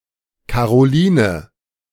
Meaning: a female given name from French
- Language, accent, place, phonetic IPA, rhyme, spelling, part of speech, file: German, Germany, Berlin, [kaʁoˈliːnə], -iːnə, Caroline, proper noun, De-Caroline.ogg